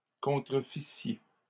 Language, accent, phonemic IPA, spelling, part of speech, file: French, Canada, /kɔ̃.tʁə.fi.sje/, contrefissiez, verb, LL-Q150 (fra)-contrefissiez.wav
- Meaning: second-person plural imperfect subjunctive of contrefaire